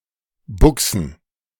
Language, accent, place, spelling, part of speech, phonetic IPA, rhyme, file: German, Germany, Berlin, Buchsen, noun, [ˈbʊksn̩], -ʊksn̩, De-Buchsen.ogg
- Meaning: plural of Buchse